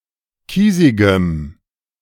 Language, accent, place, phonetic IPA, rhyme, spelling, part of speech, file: German, Germany, Berlin, [ˈkiːzɪɡəm], -iːzɪɡəm, kiesigem, adjective, De-kiesigem.ogg
- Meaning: strong dative masculine/neuter singular of kiesig